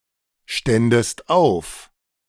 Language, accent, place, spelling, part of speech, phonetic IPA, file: German, Germany, Berlin, ständest auf, verb, [ˌʃtɛndəst ˈaʊ̯f], De-ständest auf.ogg
- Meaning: second-person singular subjunctive II of aufstehen